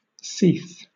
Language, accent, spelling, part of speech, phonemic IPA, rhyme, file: English, Southern England, sith, noun, /siːθ/, -iːθ, LL-Q1860 (eng)-sith.wav
- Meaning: 1. A journey, way 2. One's journey of life, experience, one's lot, also by extension life, lifetime 3. An instant in time, a point in time or an occasion